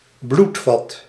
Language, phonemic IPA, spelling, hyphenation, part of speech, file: Dutch, /ˈblut.fɑt/, bloedvat, bloed‧vat, noun, Nl-bloedvat.ogg
- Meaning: blood vessel